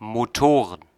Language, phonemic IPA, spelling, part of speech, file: German, /moˈtoːʁən/, Motoren, noun, De-Motoren.ogg
- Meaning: plural of Motor